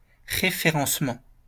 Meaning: referencing
- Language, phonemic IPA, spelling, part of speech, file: French, /ʁe.fe.ʁɑ̃s.mɑ̃/, référencement, noun, LL-Q150 (fra)-référencement.wav